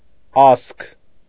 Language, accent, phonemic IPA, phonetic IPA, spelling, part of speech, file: Armenian, Eastern Armenian, /ɑskʰ/, [ɑskʰ], ասք, noun, Hy-ասք.ogg
- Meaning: legend, saga, word, tale, song, lay